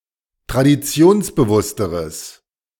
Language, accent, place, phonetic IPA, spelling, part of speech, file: German, Germany, Berlin, [tʁadiˈt͡si̯oːnsbəˌvʊstəʁəs], traditionsbewussteres, adjective, De-traditionsbewussteres.ogg
- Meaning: strong/mixed nominative/accusative neuter singular comparative degree of traditionsbewusst